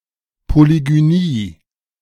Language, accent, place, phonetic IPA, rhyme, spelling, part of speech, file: German, Germany, Berlin, [poliɡyˈniː], -iː, Polygynie, noun, De-Polygynie.ogg
- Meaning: polygyny (marriage with several wives)